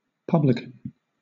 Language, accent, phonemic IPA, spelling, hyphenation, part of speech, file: English, Southern England, /ˈpʌblɪk(ə)n/, publican, pub‧lic‧an, noun, LL-Q1860 (eng)-publican.wav
- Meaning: 1. The landlord (manager or owner) of a public house (“a bar or tavern, often also selling food and sometimes lodging; a pub”) 2. The manager or owner of a hotel